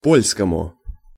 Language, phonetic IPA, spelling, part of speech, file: Russian, [ˈpolʲskəmʊ], польскому, noun, Ru-польскому.ogg
- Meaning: dative singular of по́льский (pólʹskij)